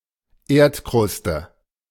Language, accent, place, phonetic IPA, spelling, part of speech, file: German, Germany, Berlin, [ˈeːɐ̯tˌkʁʊstə], Erdkruste, noun, De-Erdkruste.ogg
- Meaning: Earth's crust